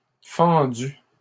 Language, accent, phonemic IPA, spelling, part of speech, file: French, Canada, /fɑ̃.dy/, fendu, verb, LL-Q150 (fra)-fendu.wav
- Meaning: past participle of fendre